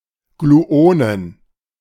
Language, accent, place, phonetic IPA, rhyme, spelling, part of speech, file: German, Germany, Berlin, [ɡluˈoːnən], -oːnən, Gluonen, noun, De-Gluonen.ogg
- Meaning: plural of Gluon